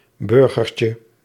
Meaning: diminutive of burger
- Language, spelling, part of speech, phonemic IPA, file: Dutch, burgertje, noun, /ˈbʏrɣərcə/, Nl-burgertje.ogg